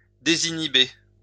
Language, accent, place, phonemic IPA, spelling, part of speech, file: French, France, Lyon, /de.zi.ni.be/, désinhiber, verb, LL-Q150 (fra)-désinhiber.wav
- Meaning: to disinhibit